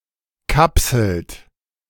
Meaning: inflection of kapseln: 1. third-person singular present 2. second-person plural present 3. plural imperative
- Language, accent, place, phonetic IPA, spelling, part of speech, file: German, Germany, Berlin, [ˈkapsl̩t], kapselt, verb, De-kapselt.ogg